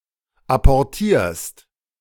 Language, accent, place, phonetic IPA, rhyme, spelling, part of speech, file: German, Germany, Berlin, [ˌapɔʁˈtiːɐ̯st], -iːɐ̯st, apportierst, verb, De-apportierst.ogg
- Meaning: second-person singular present of apportieren